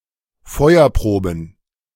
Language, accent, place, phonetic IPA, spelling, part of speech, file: German, Germany, Berlin, [ˈfɔɪ̯ɐˌpʁoːbn̩], Feuerproben, noun, De-Feuerproben.ogg
- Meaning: plural of Feuerprobe